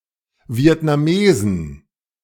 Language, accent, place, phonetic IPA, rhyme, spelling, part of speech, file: German, Germany, Berlin, [vi̯ɛtnaˈmeːzn̩], -eːzn̩, Vietnamesen, noun, De-Vietnamesen.ogg
- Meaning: plural of Vietnamese